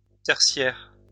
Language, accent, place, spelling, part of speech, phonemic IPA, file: French, France, Lyon, tertiaire, adjective, /tɛʁ.sjɛʁ/, LL-Q150 (fra)-tertiaire.wav
- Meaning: tertiary